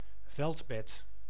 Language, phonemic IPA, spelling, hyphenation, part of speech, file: Dutch, /ˈvɛlt.bɛt/, veldbed, veld‧bed, noun, Nl-veldbed.ogg
- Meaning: camp bed (lightweight portable bed used by the military, campers, etc.)